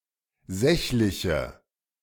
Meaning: inflection of sächlich: 1. strong/mixed nominative/accusative feminine singular 2. strong nominative/accusative plural 3. weak nominative all-gender singular
- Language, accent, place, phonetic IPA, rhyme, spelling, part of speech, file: German, Germany, Berlin, [ˈzɛçlɪçə], -ɛçlɪçə, sächliche, adjective, De-sächliche.ogg